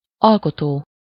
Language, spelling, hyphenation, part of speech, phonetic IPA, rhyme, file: Hungarian, alkotó, al‧ko‧tó, verb / adjective / noun, [ˈɒlkotoː], -toː, Hu-alkotó.ogg
- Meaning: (verb) present participle of alkot; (adjective) creative, constructive, productive; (noun) creator, maker, author